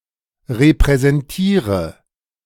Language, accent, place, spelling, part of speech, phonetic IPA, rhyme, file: German, Germany, Berlin, repräsentiere, verb, [ʁepʁɛzɛnˈtiːʁə], -iːʁə, De-repräsentiere.ogg
- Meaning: inflection of repräsentieren: 1. first-person singular present 2. first/third-person singular subjunctive I 3. singular imperative